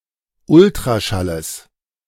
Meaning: genitive singular of Ultraschall
- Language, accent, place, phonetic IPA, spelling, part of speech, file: German, Germany, Berlin, [ˈʊltʁaʃaləs], Ultraschalles, noun, De-Ultraschalles.ogg